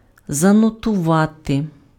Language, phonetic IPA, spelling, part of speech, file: Ukrainian, [zɐnɔtʊˈʋate], занотувати, verb, Uk-занотувати.ogg
- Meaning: to note (make a written or mental record of)